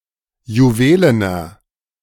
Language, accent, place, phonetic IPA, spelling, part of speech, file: German, Germany, Berlin, [juˈveːlənɐ], juwelener, adjective, De-juwelener.ogg
- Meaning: inflection of juwelen: 1. strong/mixed nominative masculine singular 2. strong genitive/dative feminine singular 3. strong genitive plural